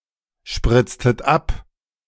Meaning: inflection of abspritzen: 1. second-person plural preterite 2. second-person plural subjunctive II
- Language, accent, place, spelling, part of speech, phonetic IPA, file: German, Germany, Berlin, spritztet ab, verb, [ˌʃpʁɪt͡stət ˈap], De-spritztet ab.ogg